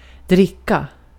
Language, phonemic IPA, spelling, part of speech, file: Swedish, /²drɪkːa/, dricka, verb / noun, Sv-dricka.ogg
- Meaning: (verb) 1. to drink 2. to drink: to drink (alcohol); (noun) 1. soft drink or (more rarely) beer 2. something to drink during an occasion, (alcoholic) beverage 3. the water, the sea, the lake